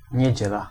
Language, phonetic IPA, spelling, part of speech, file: Polish, [ɲɛ̇ˈd͡ʑɛla], niedziela, noun, Pl-niedziela.ogg